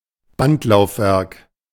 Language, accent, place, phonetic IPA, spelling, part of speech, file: German, Germany, Berlin, [ˈbantlaʊ̯fˌvɛʁk], Bandlaufwerk, noun, De-Bandlaufwerk.ogg
- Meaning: tape drive, streamer